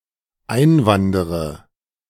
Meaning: inflection of einwandern: 1. first-person singular dependent present 2. first/third-person singular dependent subjunctive I
- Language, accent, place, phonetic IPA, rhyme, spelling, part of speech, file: German, Germany, Berlin, [ˈaɪ̯nˌvandəʁə], -aɪ̯nvandəʁə, einwandere, verb, De-einwandere.ogg